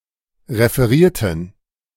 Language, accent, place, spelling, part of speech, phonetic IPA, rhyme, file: German, Germany, Berlin, referierten, adjective / verb, [ʁefəˈʁiːɐ̯tn̩], -iːɐ̯tn̩, De-referierten.ogg
- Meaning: inflection of referieren: 1. first/third-person plural preterite 2. first/third-person plural subjunctive II